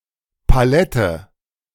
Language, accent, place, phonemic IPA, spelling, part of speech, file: German, Germany, Berlin, /paˈlɛtə/, Palette, noun, De-Palette.ogg
- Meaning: 1. pallet 2. palette